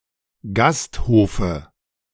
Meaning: dative singular of Gasthof
- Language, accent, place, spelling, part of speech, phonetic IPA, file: German, Germany, Berlin, Gasthofe, noun, [ˈɡastˌhoːfə], De-Gasthofe.ogg